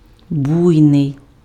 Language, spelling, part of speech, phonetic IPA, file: Ukrainian, буйний, adjective, [ˈbui̯nei̯], Uk-буйний.ogg
- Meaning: 1. stormy, raging, violent (involving extreme force or motion) 2. exuberant, luxuriant (growth, vegetation)